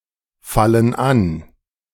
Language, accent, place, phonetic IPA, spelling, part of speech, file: German, Germany, Berlin, [ˌfalən ˈan], fallen an, verb, De-fallen an.ogg
- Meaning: inflection of anfallen: 1. first/third-person plural present 2. first/third-person plural subjunctive I